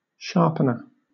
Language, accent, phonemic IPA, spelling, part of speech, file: English, Southern England, /ˈʃɑː(ɹ)pənə(ɹ)/, sharpener, noun, LL-Q1860 (eng)-sharpener.wav
- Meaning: 1. A device for making things sharp 2. That which makes something sharp 3. An alcoholic drink taken at the start of the day, or just before a meal